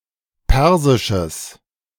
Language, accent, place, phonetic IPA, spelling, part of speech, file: German, Germany, Berlin, [ˈpɛʁzɪʃəs], persisches, adjective, De-persisches.ogg
- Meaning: strong/mixed nominative/accusative neuter singular of persisch